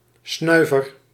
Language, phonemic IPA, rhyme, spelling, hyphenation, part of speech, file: Dutch, /ˈsnœy̯.vər/, -œy̯vər, snuiver, snui‧ver, noun, Nl-snuiver.ogg
- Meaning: 1. one who sniffs (smells, fragrances) or insufflates (tobacco, cocaine, etc.) 2. an exhaust or ventilation duct: a small chimney 3. an exhaust or ventilation duct: a submarine snorkel, a snort (UK)